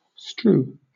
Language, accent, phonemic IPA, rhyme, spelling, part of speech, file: English, Southern England, /stɹuː/, -uː, strew, verb, LL-Q1860 (eng)-strew.wav
- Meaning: 1. To distribute objects or pieces of something over an area, especially in a random manner 2. To cover, or lie upon, by having been scattered 3. To spread abroad; to disseminate